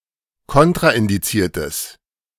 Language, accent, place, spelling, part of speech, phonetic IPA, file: German, Germany, Berlin, kontraindiziertes, adjective, [ˈkɔntʁaʔɪndiˌt͡siːɐ̯təs], De-kontraindiziertes.ogg
- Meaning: strong/mixed nominative/accusative neuter singular of kontraindiziert